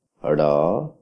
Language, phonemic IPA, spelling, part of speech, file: Odia, /ɽɔ/, ଡ଼, character, Or-ଡ଼.oga
- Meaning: The twenty-sixth character in the Odia abugida